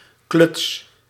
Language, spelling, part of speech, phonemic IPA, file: Dutch, kluts, verb / noun, /klʏts/, Nl-kluts.ogg
- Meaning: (noun) clutch; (verb) inflection of klutsen: 1. first-person singular present indicative 2. second-person singular present indicative 3. imperative